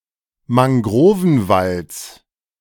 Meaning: genitive of Mangrovenwald
- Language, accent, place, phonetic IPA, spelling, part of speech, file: German, Germany, Berlin, [maŋˈɡʁoːvn̩ˌvalt͡s], Mangrovenwalds, noun, De-Mangrovenwalds.ogg